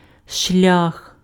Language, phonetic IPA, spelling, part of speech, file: Ukrainian, [ʃlʲax], шлях, noun, Uk-шлях.ogg
- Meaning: way, path